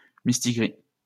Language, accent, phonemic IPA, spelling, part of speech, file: French, France, /mis.ti.ɡʁi/, mistigri, noun, LL-Q150 (fra)-mistigri.wav
- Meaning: 1. cat, malkin 2. A card game in which the person holding a certain card at the end loses. Or, the card in question 3. A difficult problem which one must solve by oneself